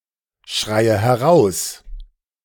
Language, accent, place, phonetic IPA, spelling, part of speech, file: German, Germany, Berlin, [ˌʃʁaɪ̯ə hɛˈʁaʊ̯s], schreie heraus, verb, De-schreie heraus.ogg
- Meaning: inflection of herausschreien: 1. first-person singular present 2. first/third-person singular subjunctive I 3. singular imperative